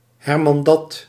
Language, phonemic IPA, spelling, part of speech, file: Dutch, /hɛrˈmɑndɑt/, hermandad, noun, Nl-hermandad.ogg
- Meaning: police